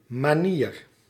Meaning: 1. way, manner 2. manner, good behaviour
- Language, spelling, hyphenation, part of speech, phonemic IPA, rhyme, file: Dutch, manier, ma‧nier, noun, /maːˈniːr/, -ir, Nl-manier.ogg